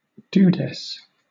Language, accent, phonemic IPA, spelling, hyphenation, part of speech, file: English, Southern England, /ˈd(j)uːdɛs/, dudess, du‧dess, noun, LL-Q1860 (eng)-dudess.wav
- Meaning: A female dude.: 1. A cowgirl 2. A woman, generally a younger woman, especially one who is perceived to be cool or hip